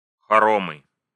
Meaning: 1. a large wooden house in traditional Russian architecture, especially if composed of separate heated sections connected by unheated walkways and halls 2. mansion, palace
- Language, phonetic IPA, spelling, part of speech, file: Russian, [xɐˈromɨ], хоромы, noun, Ru-хоромы.ogg